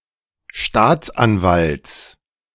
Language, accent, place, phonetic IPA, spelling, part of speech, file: German, Germany, Berlin, [ˈʃtaːt͡sʔanˌvalt͡s], Staatsanwalts, noun, De-Staatsanwalts.ogg
- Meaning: genitive singular of Staatsanwalt